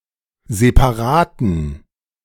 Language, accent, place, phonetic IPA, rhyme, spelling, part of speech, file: German, Germany, Berlin, [zepaˈʁaːtn̩], -aːtn̩, separaten, adjective, De-separaten.ogg
- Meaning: inflection of separat: 1. strong genitive masculine/neuter singular 2. weak/mixed genitive/dative all-gender singular 3. strong/weak/mixed accusative masculine singular 4. strong dative plural